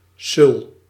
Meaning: naive, gullible person who is easily deceived
- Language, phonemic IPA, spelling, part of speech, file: Dutch, /sʏl/, sul, noun / verb, Nl-sul.ogg